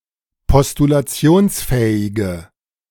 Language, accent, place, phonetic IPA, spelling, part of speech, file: German, Germany, Berlin, [pɔstulaˈt͡si̯oːnsˌfɛːɪɡə], postulationsfähige, adjective, De-postulationsfähige.ogg
- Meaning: inflection of postulationsfähig: 1. strong/mixed nominative/accusative feminine singular 2. strong nominative/accusative plural 3. weak nominative all-gender singular